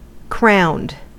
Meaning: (adjective) 1. Wearing a crown 2. Having a particular crown (top part of the head) 3. Great, supreme; completed; excessive; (verb) simple past and past participle of crown
- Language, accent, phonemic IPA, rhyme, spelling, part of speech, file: English, US, /kɹaʊnd/, -aʊnd, crowned, adjective / verb, En-us-crowned.ogg